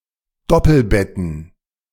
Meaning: plural of Doppelbett
- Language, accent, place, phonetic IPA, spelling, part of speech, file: German, Germany, Berlin, [ˈdɔpl̩ˌbɛtn̩], Doppelbetten, noun, De-Doppelbetten.ogg